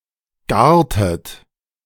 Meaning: inflection of garen: 1. second-person plural preterite 2. second-person plural subjunctive II
- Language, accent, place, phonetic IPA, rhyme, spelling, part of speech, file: German, Germany, Berlin, [ˈɡaːɐ̯tət], -aːɐ̯tət, gartet, verb, De-gartet.ogg